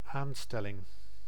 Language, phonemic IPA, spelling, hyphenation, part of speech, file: Dutch, /ˈaːnˌstɛ.lɪŋ/, aanstelling, aan‧stel‧ling, noun, Nl-aanstelling.ogg
- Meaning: appointment (placing into a position of power)